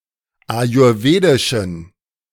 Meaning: inflection of ayurwedisch: 1. strong genitive masculine/neuter singular 2. weak/mixed genitive/dative all-gender singular 3. strong/weak/mixed accusative masculine singular 4. strong dative plural
- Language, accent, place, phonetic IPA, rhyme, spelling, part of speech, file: German, Germany, Berlin, [ajʊʁˈveːdɪʃn̩], -eːdɪʃn̩, ayurwedischen, adjective, De-ayurwedischen.ogg